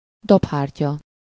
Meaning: eardrum, tympanic membrane
- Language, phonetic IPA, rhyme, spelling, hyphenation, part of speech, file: Hungarian, [ˈdophaːrcɒ], -cɒ, dobhártya, dob‧hár‧tya, noun, Hu-dobhártya.ogg